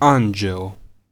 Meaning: 1. angel 2. angel (as a term of endearment)
- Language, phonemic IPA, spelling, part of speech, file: Serbo-Croatian, /âːnd͡ʑeo/, anđeo, noun, Hr-anđeo.ogg